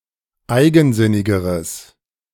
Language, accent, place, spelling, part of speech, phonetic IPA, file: German, Germany, Berlin, eigensinnigeres, adjective, [ˈaɪ̯ɡn̩ˌzɪnɪɡəʁəs], De-eigensinnigeres.ogg
- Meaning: strong/mixed nominative/accusative neuter singular comparative degree of eigensinnig